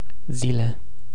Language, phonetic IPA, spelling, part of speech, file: Romanian, [ˈzile], zile, noun, Ro-zile.ogg
- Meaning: plural of zi